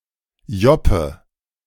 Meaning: loden jacket
- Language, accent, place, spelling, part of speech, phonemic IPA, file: German, Germany, Berlin, Joppe, noun, /ˈjɔpə/, De-Joppe.ogg